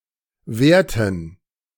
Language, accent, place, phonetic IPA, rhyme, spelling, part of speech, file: German, Germany, Berlin, [ˈvɛːɐ̯tn̩], -ɛːɐ̯tn̩, währten, verb, De-währten.ogg
- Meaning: inflection of währen: 1. first/third-person plural preterite 2. first/third-person plural subjunctive II